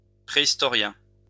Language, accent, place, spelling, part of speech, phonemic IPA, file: French, France, Lyon, préhistorien, noun, /pʁe.is.tɔ.ʁjɛ̃/, LL-Q150 (fra)-préhistorien.wav
- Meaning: prehistorian